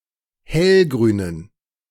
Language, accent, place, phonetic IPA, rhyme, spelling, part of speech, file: German, Germany, Berlin, [ˈhɛlɡʁyːnən], -ɛlɡʁyːnən, hellgrünen, adjective, De-hellgrünen.ogg
- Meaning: inflection of hellgrün: 1. strong genitive masculine/neuter singular 2. weak/mixed genitive/dative all-gender singular 3. strong/weak/mixed accusative masculine singular 4. strong dative plural